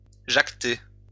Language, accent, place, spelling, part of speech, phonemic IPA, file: French, France, Lyon, jacter, verb, /ʒak.te/, LL-Q150 (fra)-jacter.wav
- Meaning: 1. to talk, speak 2. to speak (a language) 3. to chat 4. to gossip